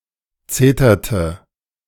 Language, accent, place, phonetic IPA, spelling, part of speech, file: German, Germany, Berlin, [ˈt͡seːtɐtə], zeterte, verb, De-zeterte.ogg
- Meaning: inflection of zetern: 1. first/third-person singular preterite 2. first/third-person singular subjunctive II